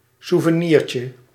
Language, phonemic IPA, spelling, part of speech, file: Dutch, /ˌsuvəˈnircə/, souvenirtje, noun, Nl-souvenirtje.ogg
- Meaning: diminutive of souvenir